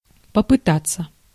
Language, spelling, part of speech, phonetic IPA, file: Russian, попытаться, verb, [pəpɨˈtat͡sːə], Ru-попытаться.ogg
- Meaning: to attempt, to try